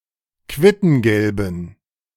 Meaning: inflection of quittengelb: 1. strong genitive masculine/neuter singular 2. weak/mixed genitive/dative all-gender singular 3. strong/weak/mixed accusative masculine singular 4. strong dative plural
- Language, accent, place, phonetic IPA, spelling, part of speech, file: German, Germany, Berlin, [ˈkvɪtn̩ɡɛlbn̩], quittengelben, adjective, De-quittengelben.ogg